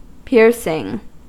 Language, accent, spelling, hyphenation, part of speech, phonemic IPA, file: English, US, piercing, piercing, verb / noun / adjective, /ˈpɪɹsɪŋ/, En-us-piercing.ogg
- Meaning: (verb) present participle and gerund of pierce; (noun) 1. gerund of pierce 2. A hole made in the body so that jewellery can be worn through it